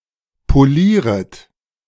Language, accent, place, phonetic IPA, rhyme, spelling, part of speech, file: German, Germany, Berlin, [poˈliːʁət], -iːʁət, polieret, verb, De-polieret.ogg
- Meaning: second-person plural subjunctive I of polieren